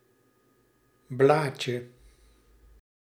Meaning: diminutive of blad
- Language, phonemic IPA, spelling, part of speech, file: Dutch, /ˈblacə/, blaadje, noun, Nl-blaadje.ogg